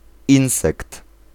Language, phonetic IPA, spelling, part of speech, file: Polish, [ˈĩw̃sɛkt], insekt, noun, Pl-insekt.ogg